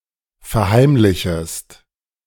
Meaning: second-person singular subjunctive I of verheimlichen
- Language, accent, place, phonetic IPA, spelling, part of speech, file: German, Germany, Berlin, [fɛɐ̯ˈhaɪ̯mlɪçəst], verheimlichest, verb, De-verheimlichest.ogg